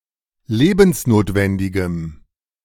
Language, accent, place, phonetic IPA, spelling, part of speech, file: German, Germany, Berlin, [ˈleːbn̩sˌnoːtvɛndɪɡəm], lebensnotwendigem, adjective, De-lebensnotwendigem.ogg
- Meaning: strong dative masculine/neuter singular of lebensnotwendig